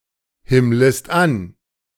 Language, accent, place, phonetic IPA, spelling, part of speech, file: German, Germany, Berlin, [ˌhɪmləst ˈan], himmlest an, verb, De-himmlest an.ogg
- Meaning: second-person singular subjunctive I of anhimmeln